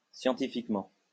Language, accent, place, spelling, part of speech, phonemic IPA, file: French, France, Lyon, scientifiquement, adverb, /sjɑ̃.ti.fik.mɑ̃/, LL-Q150 (fra)-scientifiquement.wav
- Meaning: scientifically